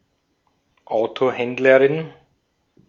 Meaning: female equivalent of Autohändler (“car dealer”)
- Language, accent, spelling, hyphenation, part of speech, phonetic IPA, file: German, Austria, Autohändlerin, Auto‧händ‧le‧rin, noun, [ˈaʊ̯toˌhɛndləʁɪn], De-at-Autohändlerin.ogg